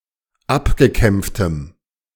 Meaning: strong dative masculine/neuter singular of abgekämpft
- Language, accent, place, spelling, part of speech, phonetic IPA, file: German, Germany, Berlin, abgekämpftem, adjective, [ˈapɡəˌkɛmp͡ftəm], De-abgekämpftem.ogg